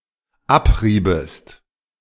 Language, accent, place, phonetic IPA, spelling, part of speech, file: German, Germany, Berlin, [ˈapˌʁiːbət], abriebet, verb, De-abriebet.ogg
- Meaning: second-person plural dependent subjunctive II of abreiben